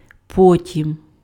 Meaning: 1. then 2. afterwards 3. later
- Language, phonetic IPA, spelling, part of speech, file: Ukrainian, [ˈpɔtʲim], потім, adverb, Uk-потім.ogg